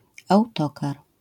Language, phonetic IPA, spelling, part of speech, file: Polish, [awˈtɔkar], autokar, noun, LL-Q809 (pol)-autokar.wav